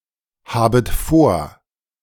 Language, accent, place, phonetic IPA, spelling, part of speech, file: German, Germany, Berlin, [ˌhaːbət ˈfoːɐ̯], habet vor, verb, De-habet vor.ogg
- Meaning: second-person plural subjunctive I of vorhaben